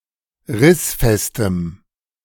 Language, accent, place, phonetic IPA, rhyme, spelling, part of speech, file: German, Germany, Berlin, [ˈʁɪsfɛstəm], -ɪsfɛstəm, rissfestem, adjective, De-rissfestem.ogg
- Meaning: strong dative masculine/neuter singular of rissfest